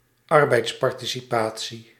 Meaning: labour participation
- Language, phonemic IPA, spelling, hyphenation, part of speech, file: Dutch, /ˈɑr.bɛi̯ts.pɑr.ti.siˌpaː.(t)si/, arbeidsparticipatie, ar‧beids‧par‧ti‧ci‧pa‧tie, noun, Nl-arbeidsparticipatie.ogg